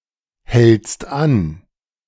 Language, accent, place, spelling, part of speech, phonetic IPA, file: German, Germany, Berlin, hältst an, verb, [hɛlt͡st ˈan], De-hältst an.ogg
- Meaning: second-person singular present of anhalten